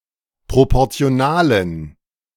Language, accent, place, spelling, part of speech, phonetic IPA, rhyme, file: German, Germany, Berlin, proportionalen, adjective, [ˌpʁopɔʁt͡si̯oˈnaːlən], -aːlən, De-proportionalen.ogg
- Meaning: inflection of proportional: 1. strong genitive masculine/neuter singular 2. weak/mixed genitive/dative all-gender singular 3. strong/weak/mixed accusative masculine singular 4. strong dative plural